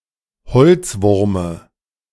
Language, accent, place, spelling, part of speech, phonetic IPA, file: German, Germany, Berlin, Holzwurme, noun, [ˈhɔlt͡sˌvʊʁmə], De-Holzwurme.ogg
- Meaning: dative singular of Holzwurm